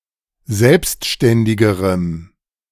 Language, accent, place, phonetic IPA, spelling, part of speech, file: German, Germany, Berlin, [ˈzɛlpstʃtɛndɪɡəʁəm], selbstständigerem, adjective, De-selbstständigerem.ogg
- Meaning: strong dative masculine/neuter singular comparative degree of selbstständig